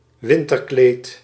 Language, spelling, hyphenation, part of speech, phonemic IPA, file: Dutch, winterkleed, win‧ter‧kleed, noun, /ˈʋɪn.tərˌkleːt/, Nl-winterkleed.ogg
- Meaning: winter coat